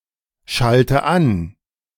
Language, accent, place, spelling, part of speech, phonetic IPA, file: German, Germany, Berlin, schalte an, verb, [ˌʃaltə ˈan], De-schalte an.ogg
- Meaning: inflection of anschalten: 1. first-person singular present 2. first/third-person singular subjunctive I 3. singular imperative